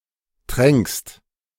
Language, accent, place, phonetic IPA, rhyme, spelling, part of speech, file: German, Germany, Berlin, [tʁɛŋkst], -ɛŋkst, tränkst, verb, De-tränkst.ogg
- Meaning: second-person singular present of tränken